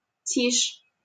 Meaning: 1. quiet, silence 2. calm
- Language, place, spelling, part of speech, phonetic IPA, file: Russian, Saint Petersburg, тишь, noun, [tʲiʂ], LL-Q7737 (rus)-тишь.wav